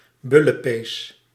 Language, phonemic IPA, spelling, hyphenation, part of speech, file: Dutch, /ˈbʏ.ləˌpeːs/, bullepees, bul‧le‧pees, noun, Nl-bullepees.ogg
- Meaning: superseded spelling of bullenpees